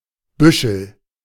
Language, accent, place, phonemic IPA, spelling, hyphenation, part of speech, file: German, Germany, Berlin, /ˈbʏʃəl/, Büschel, Bü‧schel, noun, De-Büschel.ogg
- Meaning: 1. bunch 2. tuft